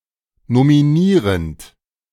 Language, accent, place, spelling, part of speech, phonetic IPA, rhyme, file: German, Germany, Berlin, nominierend, verb, [nomiˈniːʁənt], -iːʁənt, De-nominierend.ogg
- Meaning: present participle of nominieren